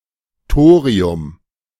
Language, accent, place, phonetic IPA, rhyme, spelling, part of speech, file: German, Germany, Berlin, [ˈtoːʁiʊm], -oːʁiʊm, Thorium, noun, De-Thorium.ogg
- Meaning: thorium